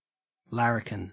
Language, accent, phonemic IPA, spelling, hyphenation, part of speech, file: English, Australia, /ˈlæɹək(ə)n/, larrikin, lar‧ri‧kin, noun / adjective, En-au-larrikin.ogg
- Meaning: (noun) A young, brash, and impertinent, and possibly violent, troublemaker, especially one who is a gang member; a hooligan